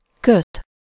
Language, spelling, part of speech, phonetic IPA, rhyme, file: Hungarian, köt, verb, [ˈkøt], -øt, Hu-köt.ogg
- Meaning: 1. to bind, tie (to attach or fasten with string) 2. to knit